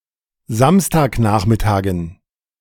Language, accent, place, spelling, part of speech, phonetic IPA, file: German, Germany, Berlin, Samstagnachmittagen, noun, [ˈzamstaːkˌnaːxmɪtaːɡn̩], De-Samstagnachmittagen.ogg
- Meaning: dative plural of Samstagnachmittag